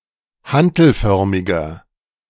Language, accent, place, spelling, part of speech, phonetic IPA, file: German, Germany, Berlin, hantelförmiger, adjective, [ˈhantl̩ˌfœʁmɪɡɐ], De-hantelförmiger.ogg
- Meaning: inflection of hantelförmig: 1. strong/mixed nominative masculine singular 2. strong genitive/dative feminine singular 3. strong genitive plural